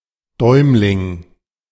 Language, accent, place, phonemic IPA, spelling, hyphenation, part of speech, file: German, Germany, Berlin, /ˈdɔɪ̯mlɪŋ/, Däumling, Däum‧ling, proper noun / noun, De-Däumling.ogg
- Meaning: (proper noun) Tom Thumb; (noun) 1. thumbstall 2. thumb 3. cam, dog